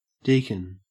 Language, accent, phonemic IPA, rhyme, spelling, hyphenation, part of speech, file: English, Australia, /ˈdiːkən/, -iːkən, deacon, dea‧con, noun / verb, En-au-deacon.ogg
- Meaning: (noun) A designated minister of charity in the early Church (see Acts 6:1-6)